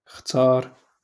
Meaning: 1. to choose 2. to select
- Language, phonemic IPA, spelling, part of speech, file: Moroccan Arabic, /xtaːr/, اختار, verb, LL-Q56426 (ary)-اختار.wav